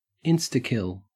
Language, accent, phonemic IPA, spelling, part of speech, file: English, Australia, /ˈɪnstəˌkɪl/, instakill, noun / adjective / verb, En-au-instakill.ogg
- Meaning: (noun) An instant kill; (adjective) Having the ability to instantly kill; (verb) To perform an instakill; to kill instantly